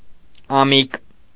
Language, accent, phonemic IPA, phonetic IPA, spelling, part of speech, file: Armenian, Eastern Armenian, /ɑˈmik/, [ɑmík], ամիկ, noun, Hy-ամիկ.ogg
- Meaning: yearling he-kid